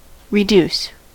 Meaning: 1. To bring down the size, quantity, quality, value or intensity of something; to diminish, to lower 2. To lose weight 3. To bring to an inferior rank; to degrade, to demote
- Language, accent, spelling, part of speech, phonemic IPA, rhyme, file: English, US, reduce, verb, /ɹɪˈd(j)us/, -uːs, En-us-reduce.ogg